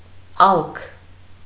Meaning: deep place, depth
- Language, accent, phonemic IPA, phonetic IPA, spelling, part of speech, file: Armenian, Eastern Armenian, /ɑlkʰ/, [ɑlkʰ], ալք, noun, Hy-ալք.ogg